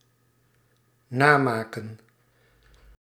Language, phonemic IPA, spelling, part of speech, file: Dutch, /ˈnaːmaːkə(n)/, namaken, verb, Nl-namaken.ogg
- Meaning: 1. to create copies or additional specimens of (e.g. a spare) 2. to create in imitation, to counterfeit